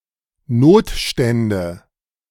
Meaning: nominative/accusative/genitive plural of Notstand
- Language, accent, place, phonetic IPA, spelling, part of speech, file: German, Germany, Berlin, [ˈnoːtˌʃtɛndə], Notstände, noun, De-Notstände.ogg